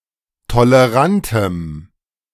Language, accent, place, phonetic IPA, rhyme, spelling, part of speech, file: German, Germany, Berlin, [toləˈʁantəm], -antəm, tolerantem, adjective, De-tolerantem.ogg
- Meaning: strong dative masculine/neuter singular of tolerant